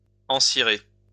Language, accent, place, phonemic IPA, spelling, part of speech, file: French, France, Lyon, /ɑ̃.si.ʁe/, encirer, verb, LL-Q150 (fra)-encirer.wav
- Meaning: to wax, wax up (cover or seal with wax)